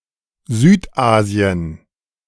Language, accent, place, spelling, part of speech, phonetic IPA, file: German, Germany, Berlin, Südasien, proper noun, [ˈzyːtˌʔaːzi̯ən], De-Südasien.ogg